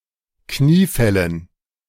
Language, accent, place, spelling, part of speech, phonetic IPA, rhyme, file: German, Germany, Berlin, Kniefällen, noun, [ˈkniːˌfɛlən], -iːfɛlən, De-Kniefällen.ogg
- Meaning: dative plural of Kniefall